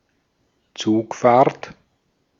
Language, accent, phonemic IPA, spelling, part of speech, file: German, Austria, /ˈt͡suːkfaːɐ̯t/, Zugfahrt, noun, De-at-Zugfahrt.ogg
- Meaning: train ride, train trip